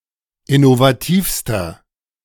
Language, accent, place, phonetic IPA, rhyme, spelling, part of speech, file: German, Germany, Berlin, [ɪnovaˈtiːfstɐ], -iːfstɐ, innovativster, adjective, De-innovativster.ogg
- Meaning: inflection of innovativ: 1. strong/mixed nominative masculine singular superlative degree 2. strong genitive/dative feminine singular superlative degree 3. strong genitive plural superlative degree